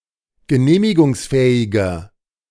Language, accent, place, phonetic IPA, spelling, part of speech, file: German, Germany, Berlin, [ɡəˈneːmɪɡʊŋsˌfɛːɪɡɐ], genehmigungsfähiger, adjective, De-genehmigungsfähiger.ogg
- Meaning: inflection of genehmigungsfähig: 1. strong/mixed nominative masculine singular 2. strong genitive/dative feminine singular 3. strong genitive plural